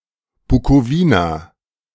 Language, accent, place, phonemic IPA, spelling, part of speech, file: German, Germany, Berlin, /bukoˈviːna/, Bukowina, proper noun, De-Bukowina.ogg
- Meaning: Bukovina (a historical region of Eastern Europe on the northern slopes of the northeastern Carpathian Mountains and adjoining plains, currently split between Romania and Ukraine)